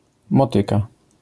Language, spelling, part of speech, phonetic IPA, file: Polish, motyka, noun, [mɔˈtɨka], LL-Q809 (pol)-motyka.wav